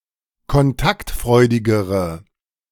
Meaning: inflection of kontaktfreudig: 1. strong/mixed nominative/accusative feminine singular comparative degree 2. strong nominative/accusative plural comparative degree
- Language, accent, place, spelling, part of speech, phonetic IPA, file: German, Germany, Berlin, kontaktfreudigere, adjective, [kɔnˈtaktˌfʁɔɪ̯dɪɡəʁə], De-kontaktfreudigere.ogg